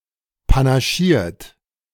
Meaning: 1. past participle of panaschieren 2. inflection of panaschieren: third-person singular present 3. inflection of panaschieren: second-person plural present
- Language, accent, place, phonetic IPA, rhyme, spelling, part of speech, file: German, Germany, Berlin, [panaˈʃiːɐ̯t], -iːɐ̯t, panaschiert, verb, De-panaschiert.ogg